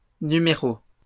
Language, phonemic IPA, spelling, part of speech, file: French, /ny.me.ʁo/, numéros, noun, LL-Q150 (fra)-numéros.wav
- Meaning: plural of numéro